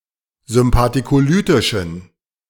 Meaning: inflection of sympathicolytisch: 1. strong genitive masculine/neuter singular 2. weak/mixed genitive/dative all-gender singular 3. strong/weak/mixed accusative masculine singular
- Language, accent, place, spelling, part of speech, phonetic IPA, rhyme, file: German, Germany, Berlin, sympathicolytischen, adjective, [zʏmpatikoˈlyːtɪʃn̩], -yːtɪʃn̩, De-sympathicolytischen.ogg